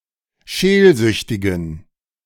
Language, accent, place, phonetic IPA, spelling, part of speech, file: German, Germany, Berlin, [ˈʃeːlˌzʏçtɪɡn̩], scheelsüchtigen, adjective, De-scheelsüchtigen.ogg
- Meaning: inflection of scheelsüchtig: 1. strong genitive masculine/neuter singular 2. weak/mixed genitive/dative all-gender singular 3. strong/weak/mixed accusative masculine singular 4. strong dative plural